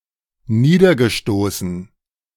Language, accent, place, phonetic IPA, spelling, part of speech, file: German, Germany, Berlin, [ˈniːdɐɡəˌʃtoːsn̩], niedergestoßen, verb, De-niedergestoßen.ogg
- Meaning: past participle of niederstoßen